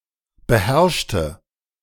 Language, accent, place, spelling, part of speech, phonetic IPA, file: German, Germany, Berlin, beherrschte, adjective / verb, [bəˈhɛʁʃtə], De-beherrschte.ogg
- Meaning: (verb) inflection of beherrscht: 1. strong/mixed nominative/accusative feminine singular 2. strong nominative/accusative plural 3. weak nominative all-gender singular